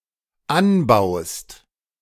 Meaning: second-person singular dependent present of anbauen
- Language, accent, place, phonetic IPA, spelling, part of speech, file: German, Germany, Berlin, [ˈanˌbaʊ̯st], anbaust, verb, De-anbaust.ogg